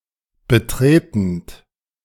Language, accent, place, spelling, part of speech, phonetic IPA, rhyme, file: German, Germany, Berlin, betretend, verb, [bəˈtʁeːtn̩t], -eːtn̩t, De-betretend.ogg
- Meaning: present participle of betreten